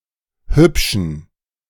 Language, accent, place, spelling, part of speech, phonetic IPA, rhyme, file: German, Germany, Berlin, hübschen, adjective, [ˈhʏpʃn̩], -ʏpʃn̩, De-hübschen.ogg
- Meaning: inflection of hübsch: 1. strong genitive masculine/neuter singular 2. weak/mixed genitive/dative all-gender singular 3. strong/weak/mixed accusative masculine singular 4. strong dative plural